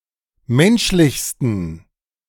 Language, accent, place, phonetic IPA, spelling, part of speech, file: German, Germany, Berlin, [ˈmɛnʃlɪçstn̩], menschlichsten, adjective, De-menschlichsten.ogg
- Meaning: 1. superlative degree of menschlich 2. inflection of menschlich: strong genitive masculine/neuter singular superlative degree